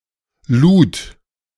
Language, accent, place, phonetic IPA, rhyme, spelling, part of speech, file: German, Germany, Berlin, [luːt], -uːt, lud, verb, De-lud.ogg
- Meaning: first/third-person singular preterite of laden